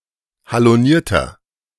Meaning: 1. comparative degree of haloniert 2. inflection of haloniert: strong/mixed nominative masculine singular 3. inflection of haloniert: strong genitive/dative feminine singular
- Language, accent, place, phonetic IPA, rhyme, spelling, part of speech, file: German, Germany, Berlin, [haloˈniːɐ̯tɐ], -iːɐ̯tɐ, halonierter, adjective, De-halonierter.ogg